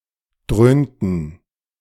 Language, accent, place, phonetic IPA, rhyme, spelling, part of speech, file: German, Germany, Berlin, [ˈdʁøːntn̩], -øːntn̩, dröhnten, verb, De-dröhnten.ogg
- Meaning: inflection of dröhnen: 1. first/third-person plural preterite 2. first/third-person plural subjunctive II